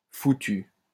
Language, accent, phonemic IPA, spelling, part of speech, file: French, France, /fu.ty/, foutu, verb / adjective, LL-Q150 (fra)-foutu.wav
- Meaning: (verb) past participle of foutre; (adjective) 1. done for, screwed, fucked, doomed 2. broken beyond repair, destroyed 3. fucking (as an intensifier), pesky, damned, bloody 4. liable to, capable of